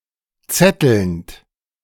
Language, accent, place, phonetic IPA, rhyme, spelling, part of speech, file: German, Germany, Berlin, [ˈt͡sɛtl̩nt], -ɛtl̩nt, zettelnd, verb, De-zettelnd.ogg
- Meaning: present participle of zetteln